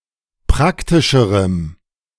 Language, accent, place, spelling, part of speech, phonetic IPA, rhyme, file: German, Germany, Berlin, praktischerem, adjective, [ˈpʁaktɪʃəʁəm], -aktɪʃəʁəm, De-praktischerem.ogg
- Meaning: strong dative masculine/neuter singular comparative degree of praktisch